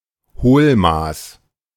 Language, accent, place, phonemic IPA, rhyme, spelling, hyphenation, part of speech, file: German, Germany, Berlin, /ˈhoːlˌmaːs/, -aːs, Hohlmaß, Hohl‧maß, noun, De-Hohlmaß.ogg
- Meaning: measuring cup